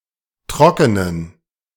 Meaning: inflection of trocken: 1. strong genitive masculine/neuter singular 2. weak/mixed genitive/dative all-gender singular 3. strong/weak/mixed accusative masculine singular 4. strong dative plural
- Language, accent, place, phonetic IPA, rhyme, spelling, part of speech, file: German, Germany, Berlin, [ˈtʁɔkənən], -ɔkənən, trockenen, adjective, De-trockenen.ogg